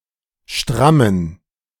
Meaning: inflection of stramm: 1. strong genitive masculine/neuter singular 2. weak/mixed genitive/dative all-gender singular 3. strong/weak/mixed accusative masculine singular 4. strong dative plural
- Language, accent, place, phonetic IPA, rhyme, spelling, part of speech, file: German, Germany, Berlin, [ˈʃtʁamən], -amən, strammen, adjective, De-strammen.ogg